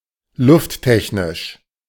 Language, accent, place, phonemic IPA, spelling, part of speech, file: German, Germany, Berlin, /ˈlʊftˌtɛçnɪʃ/, lufttechnisch, adjective, De-lufttechnisch.ogg
- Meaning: air technology